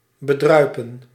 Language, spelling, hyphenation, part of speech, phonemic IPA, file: Dutch, bedruipen, be‧drui‧pen, verb, /bəˈdrœy̯pə(n)/, Nl-bedruipen.ogg
- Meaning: 1. to baste, to besprinkle 2. to be financially independent, to support oneself without assistance from others